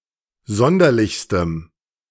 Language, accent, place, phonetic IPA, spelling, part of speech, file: German, Germany, Berlin, [ˈzɔndɐlɪçstəm], sonderlichstem, adjective, De-sonderlichstem.ogg
- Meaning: strong dative masculine/neuter singular superlative degree of sonderlich